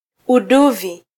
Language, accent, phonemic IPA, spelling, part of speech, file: Swahili, Kenya, /uˈɗu.vi/, uduvi, noun, Sw-ke-uduvi.flac
- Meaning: prawn, shrimp